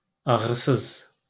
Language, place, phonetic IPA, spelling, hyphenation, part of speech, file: Azerbaijani, Baku, [ɑɣɾɯˈsɯz], ağrısız, ağ‧rı‧sız, adjective, LL-Q9292 (aze)-ağrısız.wav
- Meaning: painless